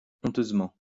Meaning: shamefully
- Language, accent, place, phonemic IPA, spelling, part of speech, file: French, France, Lyon, /ɔ̃.tøz.mɑ̃/, honteusement, adverb, LL-Q150 (fra)-honteusement.wav